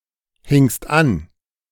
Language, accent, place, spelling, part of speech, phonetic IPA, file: German, Germany, Berlin, hingst an, verb, [hɪŋst ˈan], De-hingst an.ogg
- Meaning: second-person singular preterite of anhängen